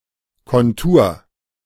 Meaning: outline, contour
- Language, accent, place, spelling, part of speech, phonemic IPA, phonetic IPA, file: German, Germany, Berlin, Kontur, noun, /kɔnˈtuːr/, [kɔnˈtu(ː)ɐ̯], De-Kontur.ogg